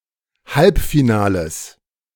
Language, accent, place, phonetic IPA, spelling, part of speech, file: German, Germany, Berlin, [ˈhalpfiˌnaːləs], Halbfinales, noun, De-Halbfinales.ogg
- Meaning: genitive singular of Halbfinale